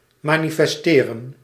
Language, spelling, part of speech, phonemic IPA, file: Dutch, manifesteren, verb, /manifɛsˈterə(n)/, Nl-manifesteren.ogg
- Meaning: to manifest